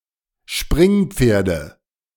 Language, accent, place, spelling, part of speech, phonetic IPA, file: German, Germany, Berlin, Springpferde, noun, [ˈʃpʁɪŋˌp͡feːɐ̯də], De-Springpferde.ogg
- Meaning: nominative/accusative/genitive plural of Springpferd